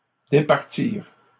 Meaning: third-person plural past historic of départir
- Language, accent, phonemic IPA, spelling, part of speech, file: French, Canada, /de.paʁ.tiʁ/, départirent, verb, LL-Q150 (fra)-départirent.wav